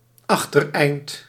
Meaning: rear end
- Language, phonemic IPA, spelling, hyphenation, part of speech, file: Dutch, /ˈɑx.tərˌɛi̯nt/, achtereind, ach‧ter‧eind, noun, Nl-achtereind.ogg